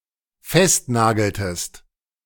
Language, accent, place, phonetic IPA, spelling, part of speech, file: German, Germany, Berlin, [ˈfɛstˌnaːɡl̩təst], festnageltest, verb, De-festnageltest.ogg
- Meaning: inflection of festnageln: 1. second-person singular dependent preterite 2. second-person singular dependent subjunctive II